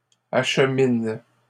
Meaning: inflection of acheminer: 1. first/third-person singular present indicative/subjunctive 2. second-person singular imperative
- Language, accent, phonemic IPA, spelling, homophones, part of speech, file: French, Canada, /aʃ.min/, achemine, acheminent / achemines, verb, LL-Q150 (fra)-achemine.wav